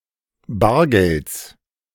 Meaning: genitive singular of Bargeld
- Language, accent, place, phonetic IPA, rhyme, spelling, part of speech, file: German, Germany, Berlin, [ˈbaːɐ̯ˌɡɛlt͡s], -aːɐ̯ɡɛlt͡s, Bargelds, noun, De-Bargelds.ogg